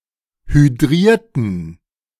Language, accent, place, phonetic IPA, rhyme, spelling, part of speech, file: German, Germany, Berlin, [hyˈdʁiːɐ̯tn̩], -iːɐ̯tn̩, hydrierten, adjective / verb, De-hydrierten.ogg
- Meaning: inflection of hydrieren: 1. first/third-person plural preterite 2. first/third-person plural subjunctive II